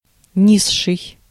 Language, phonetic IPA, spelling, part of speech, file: Russian, [ˈnʲiʂːɨj], низший, adjective, Ru-низший.ogg
- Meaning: 1. superlative degree of ни́зкий (nízkij, “low”) 2. the lowest, inferior 3. lower, subordinate